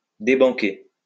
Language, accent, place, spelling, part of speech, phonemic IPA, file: French, France, Lyon, débanquer, verb, /de.bɑ̃.ke/, LL-Q150 (fra)-débanquer.wav
- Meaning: to break the bank (at a casino)